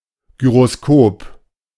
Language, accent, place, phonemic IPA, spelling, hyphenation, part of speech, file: German, Germany, Berlin, /ɡyʁoˈskoːp/, Gyroskop, Gy‧ro‧s‧kop, noun, De-Gyroskop.ogg
- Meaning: gyroscope